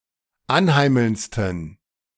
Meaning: 1. superlative degree of anheimelnd 2. inflection of anheimelnd: strong genitive masculine/neuter singular superlative degree
- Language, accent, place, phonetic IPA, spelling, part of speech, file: German, Germany, Berlin, [ˈanˌhaɪ̯ml̩nt͡stn̩], anheimelndsten, adjective, De-anheimelndsten.ogg